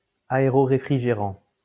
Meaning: dry cooler, cooling tower
- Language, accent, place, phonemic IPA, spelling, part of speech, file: French, France, Lyon, /a.e.ʁɔ.ʁe.fʁi.ʒe.ʁɑ̃/, aéroréfrigérant, noun, LL-Q150 (fra)-aéroréfrigérant.wav